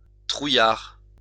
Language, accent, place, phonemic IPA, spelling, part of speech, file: French, France, Lyon, /tʁu.jaʁ/, trouillard, adjective / noun, LL-Q150 (fra)-trouillard.wav
- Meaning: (adjective) chicken, cowardly; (noun) chicken, yellowbelly, coward